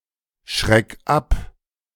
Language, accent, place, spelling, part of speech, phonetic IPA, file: German, Germany, Berlin, schreck ab, verb, [ˌʃʁɛk ˈap], De-schreck ab.ogg
- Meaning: 1. singular imperative of abschrecken 2. first-person singular present of abschrecken